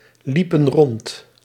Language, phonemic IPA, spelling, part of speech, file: Dutch, /ˈlipə(n) ˈrɔnt/, liepen rond, verb, Nl-liepen rond.ogg
- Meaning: inflection of rondlopen: 1. plural past indicative 2. plural past subjunctive